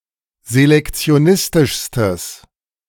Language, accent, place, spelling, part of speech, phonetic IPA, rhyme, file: German, Germany, Berlin, selektionistischstes, adjective, [zelɛkt͡si̯oˈnɪstɪʃstəs], -ɪstɪʃstəs, De-selektionistischstes.ogg
- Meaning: strong/mixed nominative/accusative neuter singular superlative degree of selektionistisch